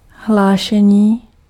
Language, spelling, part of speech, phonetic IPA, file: Czech, hlášení, noun, [ˈɦlaːʃɛɲiː], Cs-hlášení.ogg
- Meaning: 1. verbal noun of hlásit 2. report (piece of information describing, or an account of certain events given or presented to someone)